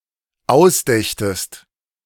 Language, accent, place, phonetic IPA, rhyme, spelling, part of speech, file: German, Germany, Berlin, [ˈaʊ̯sˌdɛçtəst], -aʊ̯sdɛçtəst, ausdächtest, verb, De-ausdächtest.ogg
- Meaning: second-person singular dependent subjunctive II of ausdenken